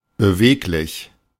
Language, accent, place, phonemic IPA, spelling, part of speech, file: German, Germany, Berlin, /bəˈveːklɪç/, beweglich, adjective, De-beweglich.ogg
- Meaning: 1. nimble, agile 2. versatile 3. moveable, flexible, mobile 4. moving